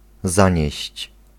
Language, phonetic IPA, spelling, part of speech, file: Polish, [ˈzãɲɛ̇ɕt͡ɕ], zanieść, verb, Pl-zanieść.ogg